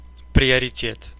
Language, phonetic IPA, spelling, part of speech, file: Russian, [prʲɪərʲɪˈtʲet], приоритет, noun, Ru-приоритет.ogg
- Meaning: 1. priority 2. right of way (a right to proceed first in traffic)